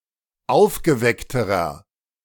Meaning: inflection of aufgeweckt: 1. strong/mixed nominative masculine singular comparative degree 2. strong genitive/dative feminine singular comparative degree 3. strong genitive plural comparative degree
- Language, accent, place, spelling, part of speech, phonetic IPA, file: German, Germany, Berlin, aufgeweckterer, adjective, [ˈaʊ̯fɡəˌvɛktəʁɐ], De-aufgeweckterer.ogg